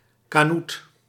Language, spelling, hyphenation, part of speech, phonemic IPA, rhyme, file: Dutch, kanoet, ka‧noet, noun, /kaːˈnut/, -ut, Nl-kanoet.ogg
- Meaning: knot, red knot (Calidris canutus)